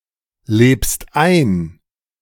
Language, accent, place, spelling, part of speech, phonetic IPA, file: German, Germany, Berlin, lebst ein, verb, [ˌleːpst ˈaɪ̯n], De-lebst ein.ogg
- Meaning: second-person singular present of einleben